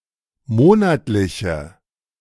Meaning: inflection of monatlich: 1. strong/mixed nominative/accusative feminine singular 2. strong nominative/accusative plural 3. weak nominative all-gender singular
- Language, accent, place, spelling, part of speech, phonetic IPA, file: German, Germany, Berlin, monatliche, adjective, [ˈmoːnatlɪçə], De-monatliche.ogg